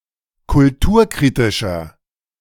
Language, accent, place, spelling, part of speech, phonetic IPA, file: German, Germany, Berlin, kulturkritischer, adjective, [kʊlˈtuːɐ̯ˌkʁiːtɪʃɐ], De-kulturkritischer.ogg
- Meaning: 1. comparative degree of kulturkritisch 2. inflection of kulturkritisch: strong/mixed nominative masculine singular 3. inflection of kulturkritisch: strong genitive/dative feminine singular